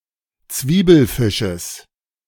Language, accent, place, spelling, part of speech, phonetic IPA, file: German, Germany, Berlin, Zwiebelfisches, noun, [ˈt͡sviːbl̩ˌfɪʃəs], De-Zwiebelfisches.ogg
- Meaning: genitive singular of Zwiebelfisch